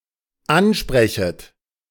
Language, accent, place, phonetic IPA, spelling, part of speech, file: German, Germany, Berlin, [ˈanˌʃpʁɛçət], ansprechet, verb, De-ansprechet.ogg
- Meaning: second-person plural dependent subjunctive I of ansprechen